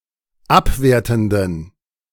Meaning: inflection of abwertend: 1. strong genitive masculine/neuter singular 2. weak/mixed genitive/dative all-gender singular 3. strong/weak/mixed accusative masculine singular 4. strong dative plural
- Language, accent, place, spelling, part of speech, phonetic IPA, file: German, Germany, Berlin, abwertenden, adjective, [ˈapˌveːɐ̯tn̩dən], De-abwertenden.ogg